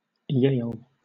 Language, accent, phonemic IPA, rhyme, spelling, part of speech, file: English, Southern England, /jeɪl/, -eɪl, Yale, proper noun, LL-Q1860 (eng)-Yale.wav
- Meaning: 1. A university in the eastern United States 2. A romanisation scheme originating from Yale University.: A romanisation scheme designed for Mandarin